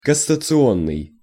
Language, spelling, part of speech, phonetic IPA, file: Russian, кассационный, adjective, [kəsət͡sɨˈonːɨj], Ru-кассационный.ogg
- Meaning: appeal, cassation